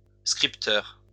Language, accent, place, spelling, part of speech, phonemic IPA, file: French, France, Lyon, scripteur, noun, /skʁip.tœʁ/, LL-Q150 (fra)-scripteur.wav
- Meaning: writer